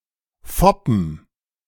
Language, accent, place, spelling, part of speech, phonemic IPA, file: German, Germany, Berlin, foppen, verb, /ˈfɔpən/, De-foppen3.ogg
- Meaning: to put on, to tease, to hoax